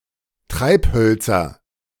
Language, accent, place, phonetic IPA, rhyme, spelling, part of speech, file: German, Germany, Berlin, [ˈtʁaɪ̯pˌhœlt͡sɐ], -aɪ̯phœlt͡sɐ, Treibhölzer, noun, De-Treibhölzer.ogg
- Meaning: nominative/accusative/genitive plural of Treibholz